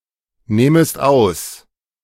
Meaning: second-person singular subjunctive I of ausnehmen
- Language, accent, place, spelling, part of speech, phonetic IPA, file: German, Germany, Berlin, nehmest aus, verb, [ˌneːməst ˈaʊ̯s], De-nehmest aus.ogg